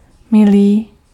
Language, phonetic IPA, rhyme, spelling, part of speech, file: Czech, [ˈmɪliː], -ɪliː, milý, adjective, Cs-milý.ogg
- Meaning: 1. kind 2. dear